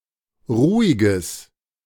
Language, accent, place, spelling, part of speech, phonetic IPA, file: German, Germany, Berlin, ruhiges, adjective, [ˈʁuːɪɡəs], De-ruhiges.ogg
- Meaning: strong/mixed nominative/accusative neuter singular of ruhig